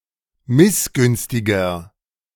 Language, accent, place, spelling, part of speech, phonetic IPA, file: German, Germany, Berlin, missgünstiger, adjective, [ˈmɪsˌɡʏnstɪɡɐ], De-missgünstiger.ogg
- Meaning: 1. comparative degree of missgünstig 2. inflection of missgünstig: strong/mixed nominative masculine singular 3. inflection of missgünstig: strong genitive/dative feminine singular